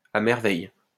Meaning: to a tee (perfectly)
- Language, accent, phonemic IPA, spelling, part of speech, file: French, France, /a mɛʁ.vɛj/, à merveille, adverb, LL-Q150 (fra)-à merveille.wav